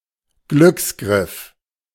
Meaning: good / wise choice; lucky find
- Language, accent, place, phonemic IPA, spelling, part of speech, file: German, Germany, Berlin, /ˈɡlʏksˌɡʁɪf/, Glücksgriff, noun, De-Glücksgriff.ogg